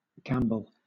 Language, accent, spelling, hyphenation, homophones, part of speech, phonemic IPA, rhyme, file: English, Southern England, gamble, gam‧ble, gambol, noun / verb, /ˈɡæm.bəl/, -æmbəl, LL-Q1860 (eng)-gamble.wav
- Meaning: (noun) 1. A bet or wager 2. A significant risk, undertaken with a potential gain 3. A risky venture; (verb) To take a risk, with the potential of a positive outcome